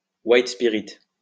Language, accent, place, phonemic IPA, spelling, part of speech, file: French, France, Lyon, /wajt.spi.ʁit/, white-spirit, noun, LL-Q150 (fra)-white-spirit.wav
- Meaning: white spirit